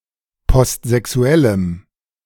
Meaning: strong dative masculine/neuter singular of postsexuell
- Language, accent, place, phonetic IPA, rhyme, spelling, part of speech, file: German, Germany, Berlin, [pɔstzɛˈksu̯ɛləm], -ɛləm, postsexuellem, adjective, De-postsexuellem.ogg